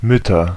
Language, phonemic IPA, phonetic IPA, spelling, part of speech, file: German, /ˈmʏtɐ/, [ˈmʏtʰɐ], Mütter, noun, De-Mütter.ogg
- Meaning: nominative/accusative/genitive plural of Mutter